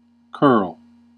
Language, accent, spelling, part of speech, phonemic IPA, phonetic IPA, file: English, US, curl, noun / verb, /kɜɹl/, [kʰɝɫ], En-us-curl.ogg
- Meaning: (noun) 1. A curving piece or lock of hair; a ringlet 2. A curved stroke or shape 3. A spin making the trajectory of an object curve 4. Movement of a moving rock away from a straight line